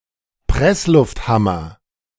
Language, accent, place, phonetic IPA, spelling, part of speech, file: German, Germany, Berlin, [ˈpʁɛslʊftˌhamɐ], Presslufthammer, noun, De-Presslufthammer.ogg
- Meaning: jackhammer (powered by compressed air)